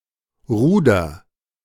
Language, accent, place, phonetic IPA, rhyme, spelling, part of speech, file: German, Germany, Berlin, [ˈʁuːdɐ], -uːdɐ, ruder, verb, De-ruder.ogg
- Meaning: inflection of rudern: 1. first-person singular present 2. singular imperative